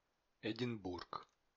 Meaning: Edinburgh (the capital city of Scotland)
- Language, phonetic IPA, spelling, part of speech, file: Russian, [ɪdʲɪnˈburk], Эдинбург, proper noun, Ru-Эдинбург.ogg